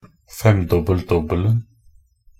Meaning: definite singular of femdobbel-dobbel
- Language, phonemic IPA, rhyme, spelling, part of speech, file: Norwegian Bokmål, /ˈfɛmdɔbːəl.dɔbːəln̩/, -əln̩, femdobbel-dobbelen, noun, Nb-femdobbel-dobbelen.ogg